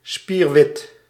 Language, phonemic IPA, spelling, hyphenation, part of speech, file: Dutch, /spiːrˈʋɪt/, spierwit, spier‧wit, adjective, Nl-spierwit.ogg
- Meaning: white as a sheet